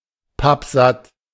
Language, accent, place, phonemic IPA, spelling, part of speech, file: German, Germany, Berlin, /ˈpapˈzat/, pappsatt, adjective, De-pappsatt.ogg
- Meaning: full up (unable to eat any more)